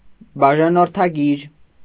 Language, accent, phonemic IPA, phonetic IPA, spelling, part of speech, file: Armenian, Eastern Armenian, /bɑʒɑnoɾtʰɑˈɡiɾ/, [bɑʒɑnoɾtʰɑɡíɾ], բաժանորդագիր, noun, Hy-բաժանորդագիր.ogg
- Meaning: subscription document; season ticket